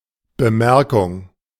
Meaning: remark
- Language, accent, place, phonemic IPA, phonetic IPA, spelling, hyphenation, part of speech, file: German, Germany, Berlin, /bəˈmɛʁkʊŋ/, [bəˈmɛɐ̯kʰʊŋ], Bemerkung, Be‧mer‧kung, noun, De-Bemerkung.ogg